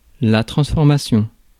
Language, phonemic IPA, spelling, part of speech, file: French, /tʁɑ̃s.fɔʁ.ma.sjɔ̃/, transformation, noun, Fr-transformation.ogg
- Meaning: 1. transformation 2. conversion